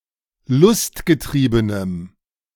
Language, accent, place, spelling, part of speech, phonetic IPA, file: German, Germany, Berlin, lustgetriebenem, adjective, [ˈlʊstɡəˌtʁiːbənəm], De-lustgetriebenem.ogg
- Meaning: strong dative masculine/neuter singular of lustgetrieben